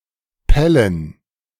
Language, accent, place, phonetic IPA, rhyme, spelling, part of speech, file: German, Germany, Berlin, [ˈpɛlən], -ɛlən, Pellen, noun, De-Pellen.ogg
- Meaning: genitive singular of Pelle